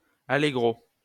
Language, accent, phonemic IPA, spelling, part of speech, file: French, France, /a.le.ɡʁo/, allegro, noun / adverb, LL-Q150 (fra)-allegro.wav
- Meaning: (noun) allegro